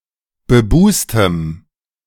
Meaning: strong dative masculine/neuter singular of bebust
- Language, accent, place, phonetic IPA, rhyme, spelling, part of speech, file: German, Germany, Berlin, [bəˈbuːstəm], -uːstəm, bebustem, adjective, De-bebustem.ogg